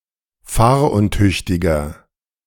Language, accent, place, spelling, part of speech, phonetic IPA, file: German, Germany, Berlin, fahruntüchtiger, adjective, [ˈfaːɐ̯ʔʊnˌtʏçtɪɡɐ], De-fahruntüchtiger.ogg
- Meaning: inflection of fahruntüchtig: 1. strong/mixed nominative masculine singular 2. strong genitive/dative feminine singular 3. strong genitive plural